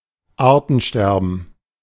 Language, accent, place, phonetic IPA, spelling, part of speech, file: German, Germany, Berlin, [ˈaːɐ̯tn̩ˌʃtɛʁbn̩], Artensterben, noun, De-Artensterben.ogg
- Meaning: species extinction